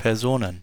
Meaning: plural of Person
- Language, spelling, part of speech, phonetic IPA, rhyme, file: German, Personen, noun, [pɛʁˈzoːnən], -oːnən, De-Personen.ogg